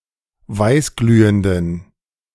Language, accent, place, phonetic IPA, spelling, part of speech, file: German, Germany, Berlin, [ˈvaɪ̯sˌɡlyːəndn̩], weißglühenden, adjective, De-weißglühenden.ogg
- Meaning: inflection of weißglühend: 1. strong genitive masculine/neuter singular 2. weak/mixed genitive/dative all-gender singular 3. strong/weak/mixed accusative masculine singular 4. strong dative plural